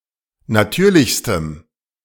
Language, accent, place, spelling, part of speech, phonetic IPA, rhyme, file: German, Germany, Berlin, natürlichstem, adjective, [naˈtyːɐ̯lɪçstəm], -yːɐ̯lɪçstəm, De-natürlichstem.ogg
- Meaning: strong dative masculine/neuter singular superlative degree of natürlich